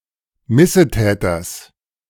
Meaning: genitive singular of Missetäter
- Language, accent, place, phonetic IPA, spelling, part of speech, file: German, Germany, Berlin, [ˈmɪsəˌtɛːtɐs], Missetäters, noun, De-Missetäters.ogg